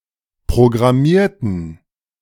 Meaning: inflection of programmieren: 1. first/third-person plural preterite 2. first/third-person plural subjunctive II
- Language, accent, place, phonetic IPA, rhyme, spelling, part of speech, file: German, Germany, Berlin, [pʁoɡʁaˈmiːɐ̯tn̩], -iːɐ̯tn̩, programmierten, adjective / verb, De-programmierten.ogg